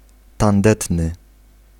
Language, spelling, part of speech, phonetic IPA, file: Polish, tandetny, adjective, [tãnˈdɛtnɨ], Pl-tandetny.ogg